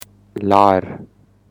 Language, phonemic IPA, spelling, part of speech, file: Pashto, /lɑr/, لار, noun, لار.ogg
- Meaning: way